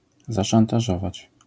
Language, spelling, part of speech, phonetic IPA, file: Polish, zaszantażować, verb, [ˌzaʃãntaˈʒɔvat͡ɕ], LL-Q809 (pol)-zaszantażować.wav